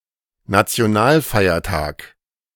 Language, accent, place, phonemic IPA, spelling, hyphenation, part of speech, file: German, Germany, Berlin, /nat͡si̯oˈnaːlˌfaɪ̯ɐtaːk/, Nationalfeiertag, Na‧ti‧o‧nal‧fei‧er‧tag, noun, De-Nationalfeiertag.ogg
- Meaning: national day